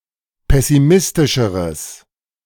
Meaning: strong/mixed nominative/accusative neuter singular comparative degree of pessimistisch
- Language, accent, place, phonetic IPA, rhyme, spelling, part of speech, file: German, Germany, Berlin, [ˌpɛsiˈmɪstɪʃəʁəs], -ɪstɪʃəʁəs, pessimistischeres, adjective, De-pessimistischeres.ogg